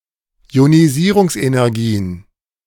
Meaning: plural of Ionisierungsenergie
- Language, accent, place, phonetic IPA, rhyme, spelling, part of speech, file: German, Germany, Berlin, [i̯oniˈziːʁʊŋsʔenɛʁˌɡiːən], -iːʁʊŋsʔenɛʁɡiːən, Ionisierungsenergien, noun, De-Ionisierungsenergien.ogg